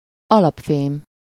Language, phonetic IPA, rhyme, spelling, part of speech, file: Hungarian, [ˈɒlɒpfeːm], -eːm, alapfém, noun, Hu-alapfém.ogg
- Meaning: base metal